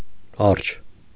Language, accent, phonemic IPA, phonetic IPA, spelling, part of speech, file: Armenian, Eastern Armenian, /ɑɾt͡ʃʰ/, [ɑɾt͡ʃʰ], արջ, noun, Hy-արջ.ogg
- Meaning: bear